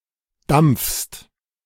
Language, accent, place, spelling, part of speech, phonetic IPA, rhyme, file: German, Germany, Berlin, dampfst, verb, [damp͡fst], -amp͡fst, De-dampfst.ogg
- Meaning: second-person singular present of dampfen